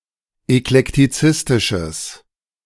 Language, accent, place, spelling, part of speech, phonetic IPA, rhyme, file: German, Germany, Berlin, eklektizistisches, adjective, [ɛklɛktiˈt͡sɪstɪʃəs], -ɪstɪʃəs, De-eklektizistisches.ogg
- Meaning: strong/mixed nominative/accusative neuter singular of eklektizistisch